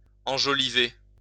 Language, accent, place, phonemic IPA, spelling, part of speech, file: French, France, Lyon, /ɑ̃.ʒɔ.li.ve/, enjoliver, verb, LL-Q150 (fra)-enjoliver.wav
- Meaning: to embellish, prettify